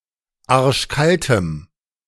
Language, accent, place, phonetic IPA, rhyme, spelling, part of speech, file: German, Germany, Berlin, [ˈaʁʃˈkaltəm], -altəm, arschkaltem, adjective, De-arschkaltem.ogg
- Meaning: strong dative masculine/neuter singular of arschkalt